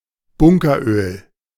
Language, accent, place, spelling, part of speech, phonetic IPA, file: German, Germany, Berlin, Bunkeröl, noun, [ˈbʊŋkɐˌʔøːl], De-Bunkeröl.ogg
- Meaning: bunker oil, bunker fuel